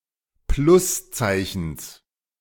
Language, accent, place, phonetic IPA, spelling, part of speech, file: German, Germany, Berlin, [ˈplʊsˌt͡saɪ̯çn̩s], Pluszeichens, noun, De-Pluszeichens.ogg
- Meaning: genitive singular of Pluszeichen